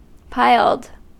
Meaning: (verb) simple past and past participle of pile; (adjective) 1. Formed from a pile or fagot 2. Having a pile or point; pointed 3. Having a pile or nap
- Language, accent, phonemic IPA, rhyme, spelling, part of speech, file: English, US, /paɪld/, -aɪld, piled, verb / adjective, En-us-piled.ogg